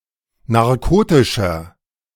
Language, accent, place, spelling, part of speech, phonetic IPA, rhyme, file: German, Germany, Berlin, narkotischer, adjective, [naʁˈkoːtɪʃɐ], -oːtɪʃɐ, De-narkotischer.ogg
- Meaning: 1. comparative degree of narkotisch 2. inflection of narkotisch: strong/mixed nominative masculine singular 3. inflection of narkotisch: strong genitive/dative feminine singular